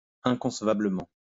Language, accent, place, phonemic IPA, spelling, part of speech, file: French, France, Lyon, /ɛ̃.kɔ̃s.va.blə.mɑ̃/, inconcevablement, adverb, LL-Q150 (fra)-inconcevablement.wav
- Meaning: inconceivably